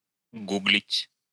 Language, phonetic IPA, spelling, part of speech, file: Russian, [ˈɡuɡlʲɪtʲ], гуглить, verb, Ru-гу́глить.ogg
- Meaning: to google